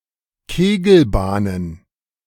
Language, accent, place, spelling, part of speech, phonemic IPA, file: German, Germany, Berlin, Kegelbahnen, noun, /ˈkeːɡl̩ˌbaːnən/, De-Kegelbahnen.ogg
- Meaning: plural of Kegelbahn